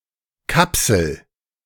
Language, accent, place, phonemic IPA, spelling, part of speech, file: German, Germany, Berlin, /ˈkapsl̩/, Kapsel, noun, De-Kapsel.ogg
- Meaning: 1. capsule 2. pod, shell 3. sagger